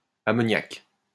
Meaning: feminine singular of ammoniac
- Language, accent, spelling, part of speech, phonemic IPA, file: French, France, ammoniaque, adjective, /a.mɔ.njak/, LL-Q150 (fra)-ammoniaque.wav